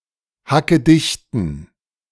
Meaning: inflection of hackedicht: 1. strong genitive masculine/neuter singular 2. weak/mixed genitive/dative all-gender singular 3. strong/weak/mixed accusative masculine singular 4. strong dative plural
- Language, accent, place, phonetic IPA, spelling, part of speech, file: German, Germany, Berlin, [hakəˈdɪçtn̩], hackedichten, adjective, De-hackedichten.ogg